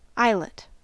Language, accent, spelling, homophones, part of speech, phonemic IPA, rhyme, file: English, US, eyelet, islet, noun / verb, /ˈaɪ.lət/, -aɪlət, En-us-eyelet.ogg
- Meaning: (noun) An object that consists of a rim and small hole or perforation to receive a cord or fastener, as in garments, sails, etc. An eyelet may reinforce a hole